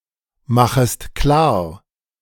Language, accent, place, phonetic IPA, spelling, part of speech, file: German, Germany, Berlin, [ˌmaxəst ˈklaːɐ̯], machest klar, verb, De-machest klar.ogg
- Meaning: second-person singular subjunctive I of klarmachen